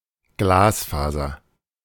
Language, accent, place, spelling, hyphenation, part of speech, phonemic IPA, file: German, Germany, Berlin, Glasfaser, Glas‧fa‧ser, noun, /ˈɡlaːsˌfaːzɐ/, De-Glasfaser.ogg
- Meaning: fiberglass, glass fibre used in fibre optics